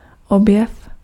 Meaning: discovery (something discovered)
- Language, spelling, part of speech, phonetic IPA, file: Czech, objev, noun, [ˈobjɛf], Cs-objev.ogg